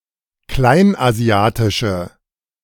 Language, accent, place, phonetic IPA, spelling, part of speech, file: German, Germany, Berlin, [ˈklaɪ̯nʔaˌzi̯aːtɪʃə], kleinasiatische, adjective, De-kleinasiatische.ogg
- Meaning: inflection of kleinasiatisch: 1. strong/mixed nominative/accusative feminine singular 2. strong nominative/accusative plural 3. weak nominative all-gender singular